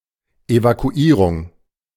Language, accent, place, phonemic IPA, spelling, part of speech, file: German, Germany, Berlin, /evakuˈiːʁʊŋ/, Evakuierung, noun, De-Evakuierung.ogg
- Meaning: evacuation